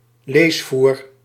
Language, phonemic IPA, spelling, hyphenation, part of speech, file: Dutch, /ˈleːs.vuːr/, leesvoer, lees‧voer, noun, Nl-leesvoer.ogg
- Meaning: 1. reading matter, reading material 2. inferior reading material, literary pulp